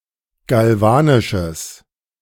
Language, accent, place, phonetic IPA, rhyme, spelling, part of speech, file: German, Germany, Berlin, [ɡalˈvaːnɪʃəs], -aːnɪʃəs, galvanisches, adjective, De-galvanisches.ogg
- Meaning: strong/mixed nominative/accusative neuter singular of galvanisch